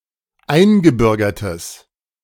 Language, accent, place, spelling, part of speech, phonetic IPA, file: German, Germany, Berlin, eingebürgertes, adjective, [ˈaɪ̯nɡəˌbʏʁɡɐtəs], De-eingebürgertes.ogg
- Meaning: strong/mixed nominative/accusative neuter singular of eingebürgert